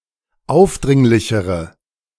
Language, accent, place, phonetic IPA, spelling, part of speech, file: German, Germany, Berlin, [ˈaʊ̯fˌdʁɪŋlɪçəʁə], aufdringlichere, adjective, De-aufdringlichere.ogg
- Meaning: inflection of aufdringlich: 1. strong/mixed nominative/accusative feminine singular comparative degree 2. strong nominative/accusative plural comparative degree